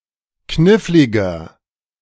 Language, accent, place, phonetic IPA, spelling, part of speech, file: German, Germany, Berlin, [ˈknɪflɪɡɐ], kniffliger, adjective, De-kniffliger.ogg
- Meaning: 1. comparative degree of knifflig 2. inflection of knifflig: strong/mixed nominative masculine singular 3. inflection of knifflig: strong genitive/dative feminine singular